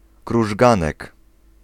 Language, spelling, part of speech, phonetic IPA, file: Polish, krużganek, noun, [kruʒˈɡãnɛk], Pl-krużganek.ogg